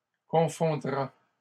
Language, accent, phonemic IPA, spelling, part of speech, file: French, Canada, /kɔ̃.fɔ̃.dʁa/, confondra, verb, LL-Q150 (fra)-confondra.wav
- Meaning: third-person singular future of confondre